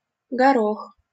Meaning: 1. peas 2. very small fruit, tubers, etc
- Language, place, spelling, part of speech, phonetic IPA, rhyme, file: Russian, Saint Petersburg, горох, noun, [ɡɐˈrox], -ox, LL-Q7737 (rus)-горох.wav